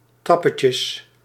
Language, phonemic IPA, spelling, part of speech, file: Dutch, /ˈtrɑpəcəs/, trappetjes, noun, Nl-trappetjes.ogg
- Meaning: plural of trappetje